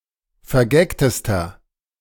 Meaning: inflection of vergagt: 1. strong/mixed nominative masculine singular superlative degree 2. strong genitive/dative feminine singular superlative degree 3. strong genitive plural superlative degree
- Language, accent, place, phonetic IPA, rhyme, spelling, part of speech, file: German, Germany, Berlin, [fɛɐ̯ˈɡɛktəstɐ], -ɛktəstɐ, vergagtester, adjective, De-vergagtester.ogg